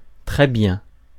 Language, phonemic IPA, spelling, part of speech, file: French, /tʁɛ bjɛ̃/, très bien, adverb, Fr-très bien.ogg
- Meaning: 1. very good, very well 2. excellent 3. naturally, well, with good reason (emphatic form of bien with same meaning)